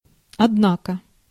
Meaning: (adverb) 1. however, yet, still 2. probably; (interjection) you don't say!, no really!
- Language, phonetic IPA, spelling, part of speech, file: Russian, [ɐdˈnakə], однако, adverb / interjection, Ru-однако.ogg